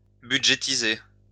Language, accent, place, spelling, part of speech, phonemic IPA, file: French, France, Lyon, budgétiser, verb, /by.dʒe.ti.ze/, LL-Q150 (fra)-budgétiser.wav
- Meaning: to budget (for)